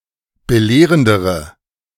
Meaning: inflection of belehrend: 1. strong/mixed nominative/accusative feminine singular comparative degree 2. strong nominative/accusative plural comparative degree
- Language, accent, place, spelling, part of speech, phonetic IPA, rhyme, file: German, Germany, Berlin, belehrendere, adjective, [bəˈleːʁəndəʁə], -eːʁəndəʁə, De-belehrendere.ogg